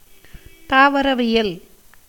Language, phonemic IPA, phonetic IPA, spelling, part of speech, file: Tamil, /t̪ɑːʋɐɾɐʋɪjɐl/, [t̪äːʋɐɾɐʋɪjɐl], தாவரவியல், noun, Ta-தாவரவியல்.ogg
- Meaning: botany